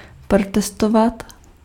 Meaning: to protest (to object to)
- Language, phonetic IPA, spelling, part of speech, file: Czech, [ˈprotɛstovat], protestovat, verb, Cs-protestovat.ogg